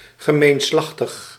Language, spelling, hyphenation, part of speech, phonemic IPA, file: Dutch, gemeenslachtig, ge‧meen‧slach‧tig, adjective, /ɣəˌmeːnˌslɑx.təx/, Nl-gemeenslachtig.ogg
- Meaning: of common gender, having no distinction between feminine and masculine